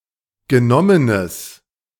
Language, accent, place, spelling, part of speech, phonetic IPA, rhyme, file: German, Germany, Berlin, genommenes, adjective, [ɡəˈnɔmənəs], -ɔmənəs, De-genommenes.ogg
- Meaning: strong/mixed nominative/accusative neuter singular of genommen